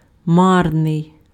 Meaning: futile, vain, useless, unavailing, fruitless
- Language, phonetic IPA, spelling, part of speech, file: Ukrainian, [ˈmarnei̯], марний, adjective, Uk-марний.ogg